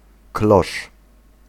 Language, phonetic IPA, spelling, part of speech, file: Polish, [klɔʃ], klosz, noun, Pl-klosz.ogg